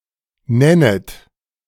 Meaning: second-person plural subjunctive I of nennen
- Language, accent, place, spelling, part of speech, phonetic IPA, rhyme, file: German, Germany, Berlin, nennet, verb, [ˈnɛnət], -ɛnət, De-nennet.ogg